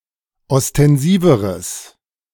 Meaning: strong/mixed nominative/accusative neuter singular comparative degree of ostensiv
- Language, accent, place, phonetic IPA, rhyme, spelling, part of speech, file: German, Germany, Berlin, [ɔstɛnˈziːvəʁəs], -iːvəʁəs, ostensiveres, adjective, De-ostensiveres.ogg